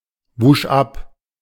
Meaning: first/third-person singular preterite of abwaschen
- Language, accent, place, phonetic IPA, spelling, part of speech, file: German, Germany, Berlin, [ˌvuːʃ ˈap], wusch ab, verb, De-wusch ab.ogg